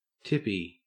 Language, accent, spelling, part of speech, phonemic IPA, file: English, Australia, tippy, adjective / noun, /ˈtɪpi/, En-au-tippy.ogg
- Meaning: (adjective) 1. Fashionable, tip-top 2. Clever, neat, smart 3. Of tea, having a large amount of tips, or leaf buds; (noun) 1. A dandy 2. Something at the height of fashion, excellent, cool